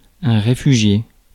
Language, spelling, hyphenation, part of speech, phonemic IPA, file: French, réfugié, ré‧fu‧gié, verb / noun, /ʁe.fy.ʒje/, Fr-réfugié.ogg
- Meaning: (verb) past participle of réfugier; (noun) refugee